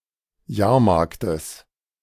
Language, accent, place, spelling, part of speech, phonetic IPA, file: German, Germany, Berlin, Jahrmarktes, noun, [ˈjaːɐ̯ˌmaʁktəs], De-Jahrmarktes.ogg
- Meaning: genitive singular of Jahrmarkt